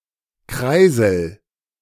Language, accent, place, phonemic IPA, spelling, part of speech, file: German, Germany, Berlin, /ˈkʁaɪ̯zəl/, Kreisel, noun, De-Kreisel.ogg
- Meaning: 1. top, spinning top (toy) 2. roundabout, traffic circle